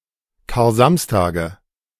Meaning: nominative/accusative/genitive plural of Karsamstag
- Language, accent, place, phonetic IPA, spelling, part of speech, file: German, Germany, Berlin, [kaːɐ̯ˈzamstaːɡə], Karsamstage, noun, De-Karsamstage.ogg